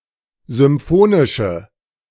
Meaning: inflection of symphonisch: 1. strong/mixed nominative/accusative feminine singular 2. strong nominative/accusative plural 3. weak nominative all-gender singular
- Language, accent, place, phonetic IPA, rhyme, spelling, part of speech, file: German, Germany, Berlin, [zʏmˈfoːnɪʃə], -oːnɪʃə, symphonische, adjective, De-symphonische.ogg